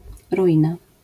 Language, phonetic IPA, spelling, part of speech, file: Polish, [ruˈʲĩna], ruina, noun, LL-Q809 (pol)-ruina.wav